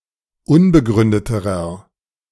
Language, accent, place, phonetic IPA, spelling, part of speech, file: German, Germany, Berlin, [ˈʊnbəˌɡʁʏndətəʁɐ], unbegründeterer, adjective, De-unbegründeterer.ogg
- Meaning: inflection of unbegründet: 1. strong/mixed nominative masculine singular comparative degree 2. strong genitive/dative feminine singular comparative degree 3. strong genitive plural comparative degree